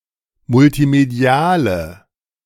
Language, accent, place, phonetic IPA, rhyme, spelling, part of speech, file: German, Germany, Berlin, [mʊltiˈmedi̯aːlə], -aːlə, multimediale, adjective, De-multimediale.ogg
- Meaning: inflection of multimedial: 1. strong/mixed nominative/accusative feminine singular 2. strong nominative/accusative plural 3. weak nominative all-gender singular